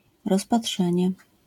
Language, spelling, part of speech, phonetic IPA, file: Polish, rozpatrzenie, noun, [ˌrɔspaˈṭʃɛ̃ɲɛ], LL-Q809 (pol)-rozpatrzenie.wav